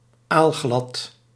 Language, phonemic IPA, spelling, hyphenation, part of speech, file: Dutch, /aːlˈɣlɑt/, aalglad, aal‧glad, adjective, Nl-aalglad.ogg
- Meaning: 1. as slippery as an eel 2. elusive, hard to catch